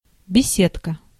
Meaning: arbor, gazebo, pavilion (a shady place for sitting)
- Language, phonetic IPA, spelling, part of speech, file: Russian, [bʲɪˈsʲetkə], беседка, noun, Ru-беседка.ogg